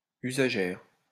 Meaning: female equivalent of usager
- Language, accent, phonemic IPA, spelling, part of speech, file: French, France, /y.za.ʒɛʁ/, usagère, noun, LL-Q150 (fra)-usagère.wav